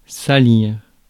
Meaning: 1. to dirty, make dirty 2. to sully (someone's reputation etc.)
- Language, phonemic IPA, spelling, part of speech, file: French, /sa.liʁ/, salir, verb, Fr-salir.ogg